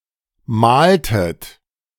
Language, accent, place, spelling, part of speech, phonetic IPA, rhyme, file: German, Germany, Berlin, maltet, verb, [ˈmaːltət], -aːltət, De-maltet.ogg
- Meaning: inflection of malen: 1. second-person plural preterite 2. second-person plural subjunctive II